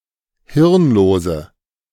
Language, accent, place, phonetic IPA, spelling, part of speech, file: German, Germany, Berlin, [ˈhɪʁnˌloːzə], hirnlose, adjective, De-hirnlose.ogg
- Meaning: inflection of hirnlos: 1. strong/mixed nominative/accusative feminine singular 2. strong nominative/accusative plural 3. weak nominative all-gender singular 4. weak accusative feminine/neuter singular